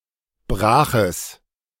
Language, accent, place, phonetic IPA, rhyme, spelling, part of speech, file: German, Germany, Berlin, [ˈbʁaːxəs], -aːxəs, braches, adjective, De-braches.ogg
- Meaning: strong/mixed nominative/accusative neuter singular of brach